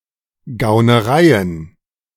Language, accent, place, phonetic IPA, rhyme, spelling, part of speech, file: German, Germany, Berlin, [ɡaʊ̯nəˈʁaɪ̯ən], -aɪ̯ən, Gaunereien, noun, De-Gaunereien.ogg
- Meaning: plural of Gaunerei